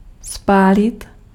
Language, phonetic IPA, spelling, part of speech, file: Czech, [ˈspaːlɪt], spálit, verb, Cs-spálit.ogg
- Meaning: 1. to burn (cause something to be consumed by fire) 2. to burn (cooked food) 3. to get burnt (cooked food) 4. to make sunburnt 5. to get sunburnt